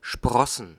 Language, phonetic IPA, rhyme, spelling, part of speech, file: German, [ˈʃpʁɔsn̩], -ɔsn̩, Sprossen, noun, De-Sprossen.ogg
- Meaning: plural of Sprosse